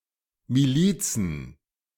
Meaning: plural of Miliz
- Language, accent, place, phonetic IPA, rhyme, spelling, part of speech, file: German, Germany, Berlin, [miˈliːt͡sn̩], -iːt͡sn̩, Milizen, noun, De-Milizen.ogg